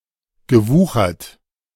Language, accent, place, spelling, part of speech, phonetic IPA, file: German, Germany, Berlin, gewuchert, verb, [ɡəˈvuːxɐt], De-gewuchert.ogg
- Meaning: past participle of wuchern